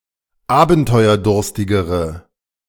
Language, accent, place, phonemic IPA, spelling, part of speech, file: German, Germany, Berlin, /ˈaːbn̩tɔɪ̯ɐˌdʊʁstɪɡəʁə/, abenteuerdurstigere, adjective, De-abenteuerdurstigere.ogg
- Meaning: inflection of abenteuerdurstig: 1. strong/mixed nominative/accusative feminine singular comparative degree 2. strong nominative/accusative plural comparative degree